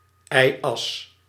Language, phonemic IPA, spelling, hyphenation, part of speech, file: Dutch, /ˈɛi̯ˌɑs/, y-as, y-as, noun, Nl-y-as.ogg
- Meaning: y-axis (vertical axis in 2-dimensional graphs; 2nd horizontal axis in 3-dimensional representations)